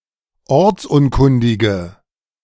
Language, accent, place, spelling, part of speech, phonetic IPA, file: German, Germany, Berlin, ortsunkundige, adjective, [ˈɔʁt͡sˌʔʊnkʊndɪɡə], De-ortsunkundige.ogg
- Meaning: inflection of ortsunkundig: 1. strong/mixed nominative/accusative feminine singular 2. strong nominative/accusative plural 3. weak nominative all-gender singular